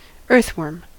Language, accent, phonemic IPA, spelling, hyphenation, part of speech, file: English, US, /ˈɜː(ɹ)θˌwɜː(ɹ)m/, earthworm, earth‧worm, noun, En-us-earthworm.ogg
- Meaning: 1. A worm that lives in the ground 2. A worm of the family Lumbricidae, or, more generally, of the suborder Lumbricina 3. A contemptible person; a groveller